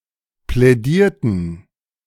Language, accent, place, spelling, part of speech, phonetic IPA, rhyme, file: German, Germany, Berlin, plädierten, verb, [plɛˈdiːɐ̯tn̩], -iːɐ̯tn̩, De-plädierten.ogg
- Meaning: inflection of plädieren: 1. first/third-person plural preterite 2. first/third-person plural subjunctive II